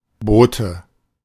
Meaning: 1. nominative/accusative/genitive plural of Boot 2. dative singular of Boot
- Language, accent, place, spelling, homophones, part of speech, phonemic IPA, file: German, Germany, Berlin, Boote, Bote, noun, /ˈboːtə/, De-Boote.ogg